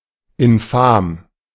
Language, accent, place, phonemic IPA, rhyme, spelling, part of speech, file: German, Germany, Berlin, /ɪnˈfaːm/, -aːm, infam, adjective, De-infam.ogg
- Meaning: malicious, especially dishonest or slanderous, in such a way that it disgraces them who do it; infamous (in this sense)